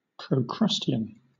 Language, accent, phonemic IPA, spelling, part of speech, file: English, Southern England, /pɹəʊˈkɹʌsti.ən/, procrustean, adjective, LL-Q1860 (eng)-procrustean.wav
- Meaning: Enforcing strict conformity through disregard of individual differences or special circumstances